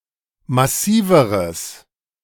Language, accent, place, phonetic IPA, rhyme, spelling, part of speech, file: German, Germany, Berlin, [maˈsiːvəʁəs], -iːvəʁəs, massiveres, adjective, De-massiveres.ogg
- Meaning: strong/mixed nominative/accusative neuter singular comparative degree of massiv